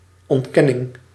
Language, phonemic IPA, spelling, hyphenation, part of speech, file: Dutch, /ˈɔntˌkɛ.nɪŋ/, ontkenning, ont‧ken‧ning, noun, Nl-ontkenning.ogg
- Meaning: 1. denial 2. negation